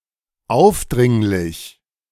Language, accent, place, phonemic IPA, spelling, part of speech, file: German, Germany, Berlin, /ˈaʊ̯fˌdʁɪŋlɪç/, aufdringlich, adjective / adverb, De-aufdringlich.ogg
- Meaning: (adjective) intrusive, pushy, obtrusive, brash, meddlesome; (adverb) intrusively, obtrusively, importunately